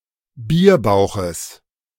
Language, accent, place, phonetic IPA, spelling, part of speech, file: German, Germany, Berlin, [ˈbiːɐ̯ˌbaʊ̯xəs], Bierbauches, noun, De-Bierbauches.ogg
- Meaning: genitive singular of Bierbauch